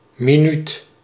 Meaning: minute (unit of time)
- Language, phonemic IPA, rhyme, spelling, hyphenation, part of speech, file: Dutch, /miˈnyt/, -yt, minuut, mi‧nuut, noun, Nl-minuut.ogg